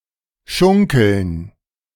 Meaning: 1. to rock, sway, bob irregularly (as of a boat, wagon etc.) 2. to swing, sway left and right to the rhythm of a song, usually while linking arms with the persons sitting or standing next to one
- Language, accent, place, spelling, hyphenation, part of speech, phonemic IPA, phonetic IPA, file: German, Germany, Berlin, schunkeln, schun‧keln, verb, /ˈʃʊŋkəln/, [ˈʃʊŋ.kl̩n], De-schunkeln.ogg